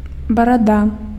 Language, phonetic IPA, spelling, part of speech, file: Belarusian, [baraˈda], барада, noun, Be-барада.ogg
- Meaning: 1. beard 2. chin